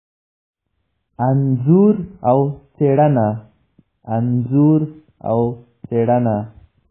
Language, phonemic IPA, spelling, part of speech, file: Pashto, /t͡seˈɻəˈna/, څېړنه, noun, Tserna.ogg
- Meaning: research